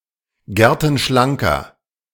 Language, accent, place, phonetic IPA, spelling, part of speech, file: German, Germany, Berlin, [ˈɡɛʁtn̩ˌʃlaŋkɐ], gertenschlanker, adjective, De-gertenschlanker.ogg
- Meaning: 1. comparative degree of gertenschlank 2. inflection of gertenschlank: strong/mixed nominative masculine singular 3. inflection of gertenschlank: strong genitive/dative feminine singular